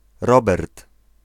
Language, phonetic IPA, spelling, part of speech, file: Polish, [ˈrɔbɛrt], Robert, proper noun / noun, Pl-Robert.ogg